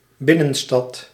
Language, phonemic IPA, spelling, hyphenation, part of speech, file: Dutch, /ˈbɪnə(n)stɑt/, binnenstad, bin‧nen‧stad, noun, Nl-binnenstad.ogg
- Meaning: inner city